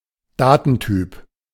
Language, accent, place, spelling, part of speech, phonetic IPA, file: German, Germany, Berlin, Datentyp, noun, [ˈdaːtn̩ˌtyːp], De-Datentyp.ogg
- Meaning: data type